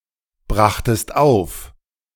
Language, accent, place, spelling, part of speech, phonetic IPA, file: German, Germany, Berlin, brachtest auf, verb, [ˌbʁaxtəst ˈaʊ̯f], De-brachtest auf.ogg
- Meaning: second-person singular preterite of aufbringen